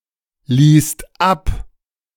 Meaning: second-person singular/plural preterite of ablassen
- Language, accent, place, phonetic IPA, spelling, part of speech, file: German, Germany, Berlin, [ˌliːst ˈap], ließt ab, verb, De-ließt ab.ogg